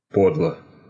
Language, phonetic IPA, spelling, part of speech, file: Russian, [ˈpodɫə], подло, adjective, Ru-по́дло.ogg
- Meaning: short neuter singular of по́длый (pódlyj)